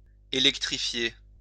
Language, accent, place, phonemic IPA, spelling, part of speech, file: French, France, Lyon, /e.lɛk.tʁi.fje/, électrifier, verb, LL-Q150 (fra)-électrifier.wav
- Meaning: to electrify